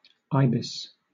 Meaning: Any of various long-legged wading birds in the family Threskiornithidae, having long downcurved bills used to probe the mud for prey such as crustaceans
- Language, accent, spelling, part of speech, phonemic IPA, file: English, Southern England, ibis, noun, /ˈaɪ.bɪs/, LL-Q1860 (eng)-ibis.wav